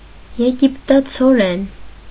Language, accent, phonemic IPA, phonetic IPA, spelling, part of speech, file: Armenian, Eastern Armenian, /jeɡiptɑt͡sʰoˈɾen/, [jeɡiptɑt͡sʰoɾén], եգիպտացորեն, noun, Hy-եգիպտացորեն.ogg
- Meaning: maize, corn, Zea mays